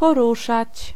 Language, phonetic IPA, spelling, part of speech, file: Polish, [pɔˈruʃat͡ɕ], poruszać, verb, Pl-poruszać.ogg